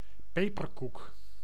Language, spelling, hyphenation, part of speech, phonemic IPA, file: Dutch, peperkoek, pe‧per‧koek, noun, /ˈpeː.pərˌkuk/, Nl-peperkoek.ogg
- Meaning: a type of spiced cake without succade commonly consumed in the Low Countries, ontbijtkoek